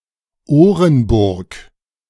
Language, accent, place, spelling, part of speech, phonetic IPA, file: German, Germany, Berlin, Orenburg, proper noun, [ˈoːʁənˌbʊʁk], De-Orenburg.ogg
- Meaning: 1. an oblast of Russia 2. a city, the administrative center of Orenburg Oblast, Russia, on the Ural River